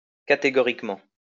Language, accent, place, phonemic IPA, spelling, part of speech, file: French, France, Lyon, /ka.te.ɡɔ.ʁik.mɑ̃/, catégoriquement, adverb, LL-Q150 (fra)-catégoriquement.wav
- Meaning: categorically